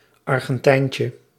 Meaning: diminutive of Argentijn
- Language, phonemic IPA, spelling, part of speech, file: Dutch, /ˌɑrɣə(n)ˈtɛincə/, Argentijntje, noun, Nl-Argentijntje.ogg